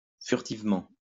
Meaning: furtively, stealthily, surreptitiously
- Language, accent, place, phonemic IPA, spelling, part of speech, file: French, France, Lyon, /fyʁ.tiv.mɑ̃/, furtivement, adverb, LL-Q150 (fra)-furtivement.wav